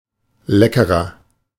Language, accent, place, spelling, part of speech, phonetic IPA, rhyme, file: German, Germany, Berlin, leckerer, adjective, [ˈlɛkəʁɐ], -ɛkəʁɐ, De-leckerer.ogg
- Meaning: 1. comparative degree of lecker 2. inflection of lecker: strong/mixed nominative masculine singular 3. inflection of lecker: strong genitive/dative feminine singular